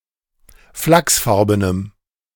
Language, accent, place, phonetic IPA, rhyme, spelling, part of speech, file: German, Germany, Berlin, [ˈflaksˌfaʁbənəm], -aksfaʁbənəm, flachsfarbenem, adjective, De-flachsfarbenem.ogg
- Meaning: strong dative masculine/neuter singular of flachsfarben